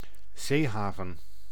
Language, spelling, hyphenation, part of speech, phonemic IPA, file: Dutch, zeehaven, zee‧ha‧ven, noun, /ˈzeːˌɦaː.vən/, Nl-zeehaven.ogg
- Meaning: seaport